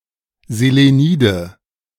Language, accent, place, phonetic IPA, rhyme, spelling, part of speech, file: German, Germany, Berlin, [zeleˈniːdə], -iːdə, Selenide, noun, De-Selenide.ogg
- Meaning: nominative/accusative/genitive plural of Selenid